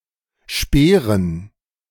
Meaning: dative plural of Speer
- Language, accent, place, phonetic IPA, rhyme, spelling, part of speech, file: German, Germany, Berlin, [ˈʃpeːʁən], -eːʁən, Speeren, noun, De-Speeren.ogg